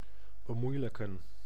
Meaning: to make (more) difficult, to make harder, to hamper, to complicate
- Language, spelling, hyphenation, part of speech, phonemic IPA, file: Dutch, bemoeilijken, be‧moei‧lij‧ken, verb, /bəˈmujləkə(n)/, Nl-bemoeilijken.ogg